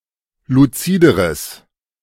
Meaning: strong/mixed nominative/accusative neuter singular comparative degree of luzid
- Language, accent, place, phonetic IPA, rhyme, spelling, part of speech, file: German, Germany, Berlin, [luˈt͡siːdəʁəs], -iːdəʁəs, luzideres, adjective, De-luzideres.ogg